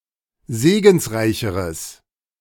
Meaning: strong/mixed nominative/accusative neuter singular comparative degree of segensreich
- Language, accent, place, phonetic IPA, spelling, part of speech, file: German, Germany, Berlin, [ˈzeːɡn̩sˌʁaɪ̯çəʁəs], segensreicheres, adjective, De-segensreicheres.ogg